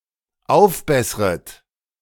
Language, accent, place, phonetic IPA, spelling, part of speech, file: German, Germany, Berlin, [ˈaʊ̯fˌbɛsʁət], aufbessret, verb, De-aufbessret.ogg
- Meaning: second-person plural dependent subjunctive I of aufbessern